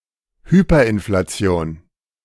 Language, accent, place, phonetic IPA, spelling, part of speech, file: German, Germany, Berlin, [ˈhyːpɐʔɪnflaˌt͡si̯oːn], Hyperinflation, noun, De-Hyperinflation.ogg
- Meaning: hyperinflation